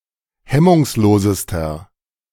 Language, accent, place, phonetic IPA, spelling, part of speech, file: German, Germany, Berlin, [ˈhɛmʊŋsˌloːzəstɐ], hemmungslosester, adjective, De-hemmungslosester.ogg
- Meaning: inflection of hemmungslos: 1. strong/mixed nominative masculine singular superlative degree 2. strong genitive/dative feminine singular superlative degree 3. strong genitive plural superlative degree